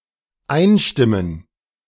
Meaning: to join in
- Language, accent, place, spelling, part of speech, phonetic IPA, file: German, Germany, Berlin, einstimmen, verb, [ˈaɪ̯nˌʃtɪmən], De-einstimmen.ogg